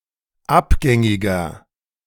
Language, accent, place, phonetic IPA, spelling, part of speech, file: German, Germany, Berlin, [ˈapˌɡɛŋɪɡɐ], abgängiger, adjective, De-abgängiger.ogg
- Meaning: inflection of abgängig: 1. strong/mixed nominative masculine singular 2. strong genitive/dative feminine singular 3. strong genitive plural